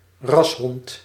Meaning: a purebred dog
- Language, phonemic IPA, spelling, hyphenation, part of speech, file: Dutch, /ˈrɑs.ɦɔnt/, rashond, ras‧hond, noun, Nl-rashond.ogg